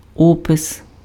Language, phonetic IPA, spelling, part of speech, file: Ukrainian, [ˈɔpes], опис, noun, Uk-опис.ogg
- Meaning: description